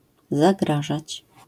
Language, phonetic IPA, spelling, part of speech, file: Polish, [zaˈɡraʒat͡ɕ], zagrażać, verb, LL-Q809 (pol)-zagrażać.wav